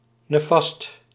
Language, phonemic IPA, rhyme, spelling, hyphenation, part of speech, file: Dutch, /neːˈfɑst/, -ɑst, nefast, ne‧fast, adjective, Nl-nefast.ogg
- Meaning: adverse, damaging